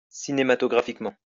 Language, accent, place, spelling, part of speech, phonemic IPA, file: French, France, Lyon, cinématographiquement, adverb, /si.ne.ma.tɔ.ɡʁa.fik.mɑ̃/, LL-Q150 (fra)-cinématographiquement.wav
- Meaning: cinematographically